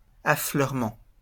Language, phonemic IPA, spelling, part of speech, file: French, /a.flœʁ.mɑ̃/, affleurement, noun, LL-Q150 (fra)-affleurement.wav
- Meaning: outcrop